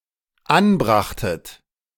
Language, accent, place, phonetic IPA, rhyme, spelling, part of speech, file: German, Germany, Berlin, [ˈanˌbʁaxtət], -anbʁaxtət, anbrachtet, verb, De-anbrachtet.ogg
- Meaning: second-person plural dependent preterite of anbringen